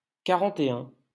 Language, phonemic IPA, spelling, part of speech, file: French, /ka.ʁɑ̃.te.œ̃/, quarante-et-un, numeral, LL-Q150 (fra)-quarante-et-un.wav
- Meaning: post-1990 spelling of quarante et un